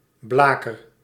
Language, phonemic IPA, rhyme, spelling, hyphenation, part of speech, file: Dutch, /ˈblaː.kər/, -aːkər, blaker, bla‧ker, noun / verb, Nl-blaker.ogg
- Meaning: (noun) a dish or low candelabrum with a handle, used as a candleholder; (verb) inflection of blakeren: 1. first-person singular present indicative 2. second-person singular present indicative